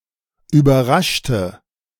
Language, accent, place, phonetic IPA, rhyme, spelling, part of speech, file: German, Germany, Berlin, [yːbɐˈʁaʃtə], -aʃtə, überraschte, adjective / verb, De-überraschte.ogg
- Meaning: inflection of überraschen: 1. first/third-person singular preterite 2. first/third-person singular subjunctive II